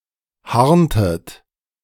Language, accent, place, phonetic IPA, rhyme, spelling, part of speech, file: German, Germany, Berlin, [ˈhaʁntət], -aʁntət, harntet, verb, De-harntet.ogg
- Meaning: inflection of harnen: 1. second-person plural preterite 2. second-person plural subjunctive II